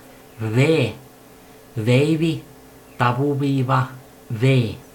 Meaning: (character) The twenty-second letter of the Finnish alphabet, called vee and written in the Latin script; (noun) 1. abbreviation of vuosi 2. abbreviation of -vuotias
- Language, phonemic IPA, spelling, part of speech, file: Finnish, /ʋ/, v, character / noun, Fi-v.ogg